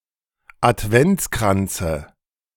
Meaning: dative singular of Adventskranz
- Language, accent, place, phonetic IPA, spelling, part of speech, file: German, Germany, Berlin, [atˈvɛnt͡skʁant͡sə], Adventskranze, noun, De-Adventskranze.ogg